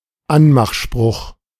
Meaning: pick-up line
- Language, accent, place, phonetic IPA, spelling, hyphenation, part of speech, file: German, Germany, Berlin, [ˈanmaxˌʃpʁʊx], Anmachspruch, An‧mach‧spruch, noun, De-Anmachspruch.ogg